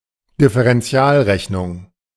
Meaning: differential calculus (calculus that deals with instantaneous rates of change)
- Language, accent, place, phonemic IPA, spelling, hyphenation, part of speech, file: German, Germany, Berlin, /dɪfəʁɛnˈtsi̯aːlˌʁɛçnʊŋ/, Differentialrechnung, Dif‧fe‧ren‧ti‧al‧rech‧nung, noun, De-Differentialrechnung.ogg